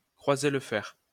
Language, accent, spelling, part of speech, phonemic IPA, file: French, France, croiser le fer, verb, /kʁwa.ze l(ə) fɛʁ/, LL-Q150 (fra)-croiser le fer.wav
- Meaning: 1. to cross swords (to place or hold two swords so they cross each other) 2. to cross swords, to lock horns, to duel